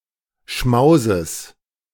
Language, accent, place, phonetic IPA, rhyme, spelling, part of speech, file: German, Germany, Berlin, [ˈʃmaʊ̯zəs], -aʊ̯zəs, Schmauses, noun, De-Schmauses.ogg
- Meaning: genitive singular of Schmaus